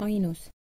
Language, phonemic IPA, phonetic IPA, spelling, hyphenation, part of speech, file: Estonian, /ˈɑi̯nus/, [ˈɑi̯nus], ainus, ai‧nus, adjective / noun, Et-ainus.oga
- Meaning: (adjective) 1. only, sole 2. only, sole: Having just one of sth/sb; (noun) 1. loved one 2. inessive plural of ain 3. inessive singular of ainu